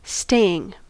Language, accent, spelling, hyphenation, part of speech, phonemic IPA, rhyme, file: English, US, staying, stay‧ing, verb / noun, /ˈsteɪ.ɪŋ/, -eɪɪŋ, En-us-staying.ogg
- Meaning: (verb) present participle and gerund of stay; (noun) A stay or visit